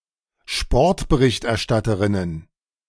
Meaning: plural of Sportberichterstatterin
- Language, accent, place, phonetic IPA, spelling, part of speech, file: German, Germany, Berlin, [ˈʃpɔʁtbəʁɪçtʔɛɐ̯ˌʃtatəʁɪnən], Sportberichterstatterinnen, noun, De-Sportberichterstatterinnen.ogg